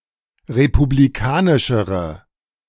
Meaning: inflection of republikanisch: 1. strong/mixed nominative/accusative feminine singular comparative degree 2. strong nominative/accusative plural comparative degree
- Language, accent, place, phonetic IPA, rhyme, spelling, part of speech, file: German, Germany, Berlin, [ʁepubliˈkaːnɪʃəʁə], -aːnɪʃəʁə, republikanischere, adjective, De-republikanischere.ogg